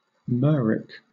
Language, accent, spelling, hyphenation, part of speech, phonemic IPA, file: English, Southern England, myrrhic, myrrh‧ic, adjective, /ˈmɜːɹik/, LL-Q1860 (eng)-myrrhic.wav
- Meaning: 1. Of, related to, or derived from myrrh 2. Having a pleasant fragrance; aromatic